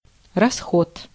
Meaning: 1. expense, expenditure 2. charges, expenses, exps, outlay 3. debit 4. consumption
- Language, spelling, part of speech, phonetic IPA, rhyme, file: Russian, расход, noun, [rɐˈsxot], -ot, Ru-расход.ogg